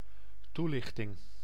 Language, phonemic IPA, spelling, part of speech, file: Dutch, /ˈtulɪxˌtɪŋ/, toelichting, noun, Nl-toelichting.ogg
- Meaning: explanation